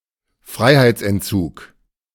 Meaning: imprisonment
- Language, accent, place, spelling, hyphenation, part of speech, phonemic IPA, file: German, Germany, Berlin, Freiheitsentzug, Frei‧heits‧ent‧zug, noun, /ˈfʁaɪ̯haɪ̯t͡sˌʔɛntˌt͡suːk/, De-Freiheitsentzug.ogg